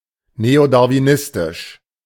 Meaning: Neo-Darwinist
- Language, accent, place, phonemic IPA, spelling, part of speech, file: German, Germany, Berlin, /neodaʁviˈnɪstɪʃ/, neodarwinistisch, adjective, De-neodarwinistisch.ogg